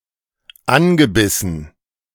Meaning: past participle of anbeißen
- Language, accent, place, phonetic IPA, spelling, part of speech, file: German, Germany, Berlin, [ˈanɡəˌbɪsn̩], angebissen, verb, De-angebissen.ogg